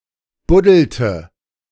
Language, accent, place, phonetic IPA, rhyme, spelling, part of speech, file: German, Germany, Berlin, [ˈbʊdl̩tə], -ʊdl̩tə, buddelte, verb, De-buddelte.ogg
- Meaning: inflection of buddeln: 1. first/third-person singular preterite 2. first/third-person singular subjunctive II